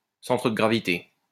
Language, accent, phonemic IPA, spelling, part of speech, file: French, France, /sɑ̃.tʁə də ɡʁa.vi.te/, centre de gravité, noun, LL-Q150 (fra)-centre de gravité.wav
- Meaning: center of gravity